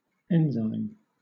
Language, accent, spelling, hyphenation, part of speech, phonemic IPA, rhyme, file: English, Southern England, enzyme, en‧zyme, noun, /ˈɛn.zaɪm/, -aɪm, LL-Q1860 (eng)-enzyme.wav
- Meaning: A biomolecule that catalyses a biological chemical reaction: either a globular protein with this function or an RNA molecule with this function